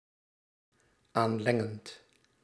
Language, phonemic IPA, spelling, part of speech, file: Dutch, /ˈanlɛŋənt/, aanlengend, verb, Nl-aanlengend.ogg
- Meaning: present participle of aanlengen